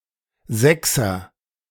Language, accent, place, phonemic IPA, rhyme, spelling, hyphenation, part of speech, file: German, Germany, Berlin, /ˈzɛksɐ/, -ɛksɐ, Sechser, Sech‧ser, noun, De-Sechser.ogg
- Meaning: 1. something with a number, value or size of six 2. alternative form of Sechs (“digit, school mark”)